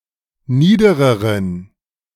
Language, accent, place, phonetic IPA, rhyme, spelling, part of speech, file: German, Germany, Berlin, [ˈniːdəʁəʁən], -iːdəʁəʁən, niedereren, adjective, De-niedereren.ogg
- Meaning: inflection of nieder: 1. strong genitive masculine/neuter singular comparative degree 2. weak/mixed genitive/dative all-gender singular comparative degree